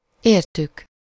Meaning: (pronoun) third-person plural of érte; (verb) first-person plural indicative past definite of ér
- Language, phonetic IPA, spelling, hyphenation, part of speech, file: Hungarian, [ˈeːrtyk], értük, ér‧tük, pronoun / verb, Hu-értük.ogg